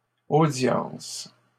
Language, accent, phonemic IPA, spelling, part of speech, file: French, Canada, /o.djɑ̃s/, audiences, noun, LL-Q150 (fra)-audiences.wav
- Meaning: plural of audience